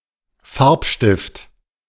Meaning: 1. colored pencil 2. any colored drawing utensil, thus including felt pens and crayons
- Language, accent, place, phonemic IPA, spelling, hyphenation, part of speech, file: German, Germany, Berlin, /ˈfaʁpʃtɪft/, Farbstift, Farb‧stift, noun, De-Farbstift.ogg